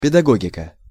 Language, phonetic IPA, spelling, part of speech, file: Russian, [pʲɪdɐˈɡoɡʲɪkə], педагогика, noun, Ru-педагогика.ogg
- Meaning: pedagogy